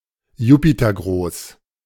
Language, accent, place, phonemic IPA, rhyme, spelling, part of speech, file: German, Germany, Berlin, /ˈjuːpitɐˌɡʁoːs/, -oːs, jupitergroß, adjective, De-jupitergroß.ogg
- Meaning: Jupiter-sized (typically, of an exoplanet)